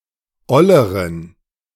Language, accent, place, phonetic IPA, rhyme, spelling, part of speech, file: German, Germany, Berlin, [ˈɔləʁən], -ɔləʁən, olleren, adjective, De-olleren.ogg
- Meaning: inflection of oll: 1. strong genitive masculine/neuter singular comparative degree 2. weak/mixed genitive/dative all-gender singular comparative degree